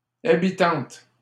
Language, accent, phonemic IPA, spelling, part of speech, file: French, Canada, /a.bi.tɑ̃t/, habitantes, noun, LL-Q150 (fra)-habitantes.wav
- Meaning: plural of habitante